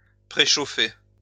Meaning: to preheat
- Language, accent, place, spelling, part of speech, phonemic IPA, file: French, France, Lyon, préchauffer, verb, /pʁe.ʃo.fe/, LL-Q150 (fra)-préchauffer.wav